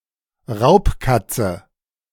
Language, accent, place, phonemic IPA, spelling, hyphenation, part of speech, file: German, Germany, Berlin, /ˈʁaʊ̯pˌkat͡sə/, Raubkatze, Raub‧kat‧ze, noun, De-Raubkatze.ogg
- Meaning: non-domestic cat, big cat, feline predator